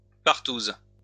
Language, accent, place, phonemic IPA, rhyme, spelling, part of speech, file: French, France, Lyon, /paʁ.tuz/, -uz, partouse, noun, LL-Q150 (fra)-partouse.wav
- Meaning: orgy